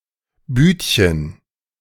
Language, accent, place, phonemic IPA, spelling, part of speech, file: German, Germany, Berlin, /ˈbyːtçən/, Büdchen, noun, De-Büdchen.ogg
- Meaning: 1. diminutive of Bude 2. a kiosk, especially one that sells through a window